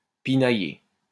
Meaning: nitpick, split hairs (to correct minutiae or find fault)
- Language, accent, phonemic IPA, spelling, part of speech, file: French, France, /pi.na.je/, pinailler, verb, LL-Q150 (fra)-pinailler.wav